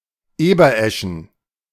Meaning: plural of Eberesche
- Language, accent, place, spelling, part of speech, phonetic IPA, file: German, Germany, Berlin, Ebereschen, noun, [ˈeːbɐˌʔɛʃn̩], De-Ebereschen.ogg